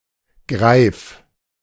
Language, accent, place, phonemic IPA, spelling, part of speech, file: German, Germany, Berlin, /ɡʁaɪ̯f/, Greif, noun, De-Greif.ogg
- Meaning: griffin